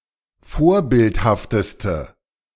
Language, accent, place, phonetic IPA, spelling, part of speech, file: German, Germany, Berlin, [ˈfoːɐ̯ˌbɪlthaftəstə], vorbildhafteste, adjective, De-vorbildhafteste.ogg
- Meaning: inflection of vorbildhaft: 1. strong/mixed nominative/accusative feminine singular superlative degree 2. strong nominative/accusative plural superlative degree